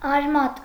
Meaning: 1. root 2. root of a tooth, hair 3. root, origin 4. root, radical 5. root (zero of a function)
- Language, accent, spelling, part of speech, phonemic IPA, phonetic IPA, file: Armenian, Eastern Armenian, արմատ, noun, /ɑɾˈmɑt/, [ɑɾmɑ́t], Hy-արմատ.ogg